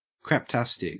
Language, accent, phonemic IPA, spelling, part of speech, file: English, Australia, /kɹæpˈtæstɪk/, craptastic, adjective, En-au-craptastic.ogg
- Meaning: Of extremely poor quality